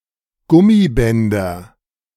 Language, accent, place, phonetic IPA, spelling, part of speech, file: German, Germany, Berlin, [ˈɡʊmiˌbɛndɐ], Gummibänder, noun, De-Gummibänder.ogg
- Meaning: nominative/accusative/genitive plural of Gummiband